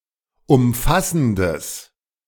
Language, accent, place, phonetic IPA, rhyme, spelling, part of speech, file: German, Germany, Berlin, [ʊmˈfasn̩dəs], -asn̩dəs, umfassendes, adjective, De-umfassendes.ogg
- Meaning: strong/mixed nominative/accusative neuter singular of umfassend